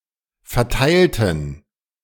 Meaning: inflection of verteilen: 1. first/third-person plural preterite 2. first/third-person plural subjunctive II
- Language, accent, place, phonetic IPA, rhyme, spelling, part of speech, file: German, Germany, Berlin, [fɛɐ̯ˈtaɪ̯ltn̩], -aɪ̯ltn̩, verteilten, adjective / verb, De-verteilten.ogg